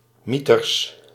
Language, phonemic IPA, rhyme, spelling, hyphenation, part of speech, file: Dutch, /ˈmi.tərs/, -itərs, mieters, mie‧ters, interjection / adjective, Nl-mieters.ogg
- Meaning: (interjection) 1. wow, fantastic, golly 2. blast, damn, tarnation; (adjective) 1. great, fantastic 2. blasted, damned, darned